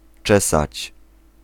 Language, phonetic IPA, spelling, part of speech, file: Polish, [ˈt͡ʃɛsat͡ɕ], czesać, verb, Pl-czesać.ogg